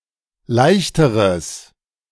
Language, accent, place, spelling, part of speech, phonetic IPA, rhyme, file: German, Germany, Berlin, leichteres, adjective, [ˈlaɪ̯çtəʁəs], -aɪ̯çtəʁəs, De-leichteres.ogg
- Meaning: strong/mixed nominative/accusative neuter singular comparative degree of leicht